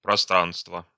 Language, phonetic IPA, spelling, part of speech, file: Russian, [prɐˈstranstvə], пространства, noun, Ru-пространства.ogg
- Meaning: inflection of простра́нство (prostránstvo): 1. genitive singular 2. nominative/accusative plural